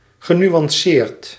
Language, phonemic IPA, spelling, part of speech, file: Dutch, /ɣəˌnywɑnˈsert/, genuanceerd, verb / adjective, Nl-genuanceerd.ogg
- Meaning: past participle of nuanceren